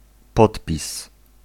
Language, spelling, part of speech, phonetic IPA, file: Polish, podpis, noun, [ˈpɔtpʲis], Pl-podpis.ogg